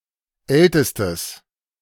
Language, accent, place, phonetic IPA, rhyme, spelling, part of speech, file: German, Germany, Berlin, [ˈɛltəstəs], -ɛltəstəs, ältestes, adjective, De-ältestes.ogg
- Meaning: strong/mixed nominative/accusative neuter singular superlative degree of alt